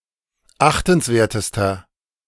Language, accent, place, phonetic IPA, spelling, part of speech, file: German, Germany, Berlin, [ˈaxtn̩sˌveːɐ̯təstɐ], achtenswertester, adjective, De-achtenswertester.ogg
- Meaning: inflection of achtenswert: 1. strong/mixed nominative masculine singular superlative degree 2. strong genitive/dative feminine singular superlative degree 3. strong genitive plural superlative degree